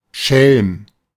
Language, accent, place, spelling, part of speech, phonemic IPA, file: German, Germany, Berlin, Schelm, noun, /ʃɛlm/, De-Schelm.ogg
- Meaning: imp, rogue; (modern usage) prankster, rascal